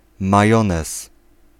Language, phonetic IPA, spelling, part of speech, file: Polish, [maˈjɔ̃nɛs], majonez, noun, Pl-majonez.ogg